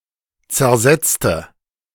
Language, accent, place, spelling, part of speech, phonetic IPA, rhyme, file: German, Germany, Berlin, zersetzte, adjective / verb, [t͡sɛɐ̯ˈzɛt͡stə], -ɛt͡stə, De-zersetzte.ogg
- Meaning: inflection of zersetzt: 1. strong/mixed nominative/accusative feminine singular 2. strong nominative/accusative plural 3. weak nominative all-gender singular